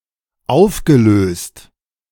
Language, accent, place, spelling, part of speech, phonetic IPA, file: German, Germany, Berlin, aufgelöst, adjective / verb, [ˈaʊ̯fɡəˌløːst], De-aufgelöst.ogg
- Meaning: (verb) past participle of auflösen; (adjective) 1. dissolved, drained 2. distraught, exhausted, upset